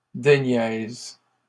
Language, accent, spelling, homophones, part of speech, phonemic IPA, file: French, Canada, déniaise, déniaisent / déniaises, verb, /de.njɛz/, LL-Q150 (fra)-déniaise.wav
- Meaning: inflection of déniaiser: 1. first/third-person singular present indicative/subjunctive 2. second-person singular imperative